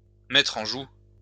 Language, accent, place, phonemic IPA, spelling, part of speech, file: French, France, Lyon, /mɛ.tʁ‿ɑ̃ ʒu/, mettre en joue, verb, LL-Q150 (fra)-mettre en joue.wav
- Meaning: to take aim at, to point a gun at